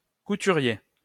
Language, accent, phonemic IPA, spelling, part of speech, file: French, France, /ku.ty.ʁje/, couturier, noun, LL-Q150 (fra)-couturier.wav
- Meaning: couturier